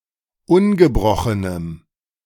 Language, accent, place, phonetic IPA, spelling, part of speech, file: German, Germany, Berlin, [ˈʊnɡəˌbʁɔxənəm], ungebrochenem, adjective, De-ungebrochenem.ogg
- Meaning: strong dative masculine/neuter singular of ungebrochen